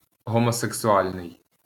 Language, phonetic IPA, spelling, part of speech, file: Ukrainian, [ɦɔmɔseksʊˈalʲnei̯], гомосексуальний, adjective, LL-Q8798 (ukr)-гомосексуальний.wav
- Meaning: homosexual